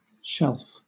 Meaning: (noun) 1. A flat, rigid structure, fixed at right angles to a wall or forming a part of a cabinet, desk, etc., and used to display, store, or support objects 2. The capacity of such an object
- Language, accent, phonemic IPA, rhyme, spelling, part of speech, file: English, Southern England, /ʃɛlf/, -ɛlf, shelf, noun / verb, LL-Q1860 (eng)-shelf.wav